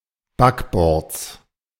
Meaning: genitive singular of Backbord
- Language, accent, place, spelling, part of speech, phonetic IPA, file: German, Germany, Berlin, Backbords, noun, [ˈbakˌbɔʁt͡s], De-Backbords.ogg